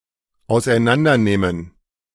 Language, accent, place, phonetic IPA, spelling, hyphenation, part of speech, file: German, Germany, Berlin, [aʊ̯sʔaɪ̯ˈnandɐˌneːmən], auseinandernehmen, aus‧ei‧n‧an‧der‧neh‧men, verb, De-auseinandernehmen.ogg
- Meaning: 1. to dismantle 2. to thoroughly defeat 3. to thoroughly criticize